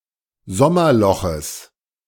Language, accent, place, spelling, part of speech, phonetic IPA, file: German, Germany, Berlin, Sommerloches, noun, [ˈzɔmɐˌlɔxəs], De-Sommerloches.ogg
- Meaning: genitive singular of Sommerloch